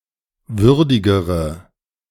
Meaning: inflection of würdig: 1. strong/mixed nominative/accusative feminine singular comparative degree 2. strong nominative/accusative plural comparative degree
- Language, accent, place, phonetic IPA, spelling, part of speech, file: German, Germany, Berlin, [ˈvʏʁdɪɡəʁə], würdigere, adjective, De-würdigere.ogg